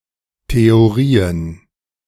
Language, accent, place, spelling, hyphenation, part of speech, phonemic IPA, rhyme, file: German, Germany, Berlin, Theorien, The‧o‧ri‧en, noun, /teoˈʁiːən/, -iːən, De-Theorien.ogg
- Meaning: plural of Theorie